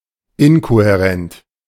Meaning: incoherent (not coherent)
- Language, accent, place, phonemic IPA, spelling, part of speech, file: German, Germany, Berlin, /ˈɪnkohɛˌʁɛnt/, inkohärent, adjective, De-inkohärent.ogg